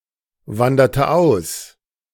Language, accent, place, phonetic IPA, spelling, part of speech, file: German, Germany, Berlin, [ˌvandɐtə ˈaʊ̯s], wanderte aus, verb, De-wanderte aus.ogg
- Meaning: inflection of auswandern: 1. first/third-person singular preterite 2. first/third-person singular subjunctive II